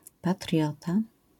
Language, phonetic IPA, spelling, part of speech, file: Polish, [paˈtrʲjɔta], patriota, noun, LL-Q809 (pol)-patriota.wav